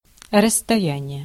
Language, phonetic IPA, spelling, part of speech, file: Russian, [rəs(ː)tɐˈjænʲɪje], расстояние, noun, Ru-расстояние.ogg
- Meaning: distance, interval, length, range, space